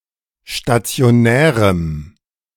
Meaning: strong dative masculine/neuter singular of stationär
- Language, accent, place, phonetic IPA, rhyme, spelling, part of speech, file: German, Germany, Berlin, [ʃtat͡si̯oˈnɛːʁəm], -ɛːʁəm, stationärem, adjective, De-stationärem.ogg